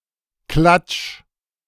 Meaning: 1. a smacking/slapping sound, made (for example) by hitting, palm down, a flat, wet surface 2. meeting at which people gossip 3. gossip
- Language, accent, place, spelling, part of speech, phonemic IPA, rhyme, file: German, Germany, Berlin, Klatsch, noun, /klatʃ/, -at͡ʃ, De-Klatsch.ogg